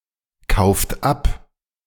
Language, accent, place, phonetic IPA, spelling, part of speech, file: German, Germany, Berlin, [ˌkaʊ̯ft ˈap], kauft ab, verb, De-kauft ab.ogg
- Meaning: inflection of abkaufen: 1. second-person plural present 2. third-person singular present 3. plural imperative